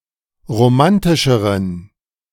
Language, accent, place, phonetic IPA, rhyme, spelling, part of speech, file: German, Germany, Berlin, [ʁoˈmantɪʃəʁən], -antɪʃəʁən, romantischeren, adjective, De-romantischeren.ogg
- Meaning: inflection of romantisch: 1. strong genitive masculine/neuter singular comparative degree 2. weak/mixed genitive/dative all-gender singular comparative degree